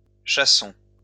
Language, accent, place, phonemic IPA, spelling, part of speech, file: French, France, Lyon, /ʃa.sɔ̃/, chassons, verb, LL-Q150 (fra)-chassons.wav
- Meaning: inflection of chasser: 1. first-person plural present indicative 2. first-person plural imperative